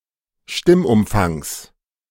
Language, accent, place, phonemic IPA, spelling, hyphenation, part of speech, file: German, Germany, Berlin, /ˈʃtɪmʔʊmˌfaŋs/, Stimmumfangs, Stimm‧um‧fangs, noun, De-Stimmumfangs.ogg
- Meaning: genitive singular of Stimmumfang